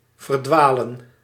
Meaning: to become lost, to go astray
- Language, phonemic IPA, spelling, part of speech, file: Dutch, /vərˈdwalə(n)/, verdwalen, verb, Nl-verdwalen.ogg